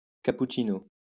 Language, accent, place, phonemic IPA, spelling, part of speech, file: French, France, Lyon, /ka.put.ʃi.no/, cappuccino, noun, LL-Q150 (fra)-cappuccino.wav
- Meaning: cappuccino